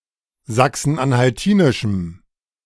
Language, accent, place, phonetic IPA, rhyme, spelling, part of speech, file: German, Germany, Berlin, [ˌzaksn̩ʔanhalˈtiːnɪʃm̩], -iːnɪʃm̩, sachsen-anhaltinischem, adjective, De-sachsen-anhaltinischem.ogg
- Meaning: strong dative masculine/neuter singular of sachsen-anhaltinisch